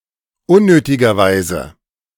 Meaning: unnecessarily, needlessly
- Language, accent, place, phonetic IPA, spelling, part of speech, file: German, Germany, Berlin, [ˈʊnnøːtɪɡɐˌvaɪ̯zə], unnötigerweise, adverb, De-unnötigerweise.ogg